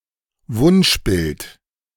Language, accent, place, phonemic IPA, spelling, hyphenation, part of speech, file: German, Germany, Berlin, /ˈvʊnʃˌbɪlt/, Wunschbild, Wunsch‧bild, noun, De-Wunschbild.ogg
- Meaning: ideal